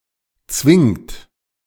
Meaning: inflection of zwingen: 1. third-person singular present 2. second-person plural present 3. plural imperative
- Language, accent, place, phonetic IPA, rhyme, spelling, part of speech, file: German, Germany, Berlin, [t͡svɪŋt], -ɪŋt, zwingt, verb, De-zwingt.ogg